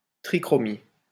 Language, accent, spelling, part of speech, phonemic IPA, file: French, France, trichromie, noun, /tʁi.kʁɔ.mi/, LL-Q150 (fra)-trichromie.wav
- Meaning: three-colour printing